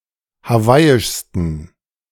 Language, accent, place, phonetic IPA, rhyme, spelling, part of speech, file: German, Germany, Berlin, [haˈvaɪ̯ɪʃstn̩], -aɪ̯ɪʃstn̩, hawaiischsten, adjective, De-hawaiischsten.ogg
- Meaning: 1. superlative degree of hawaiisch 2. inflection of hawaiisch: strong genitive masculine/neuter singular superlative degree